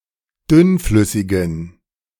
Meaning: inflection of dünnflüssig: 1. strong genitive masculine/neuter singular 2. weak/mixed genitive/dative all-gender singular 3. strong/weak/mixed accusative masculine singular 4. strong dative plural
- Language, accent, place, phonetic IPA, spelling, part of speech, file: German, Germany, Berlin, [ˈdʏnˌflʏsɪɡn̩], dünnflüssigen, adjective, De-dünnflüssigen.ogg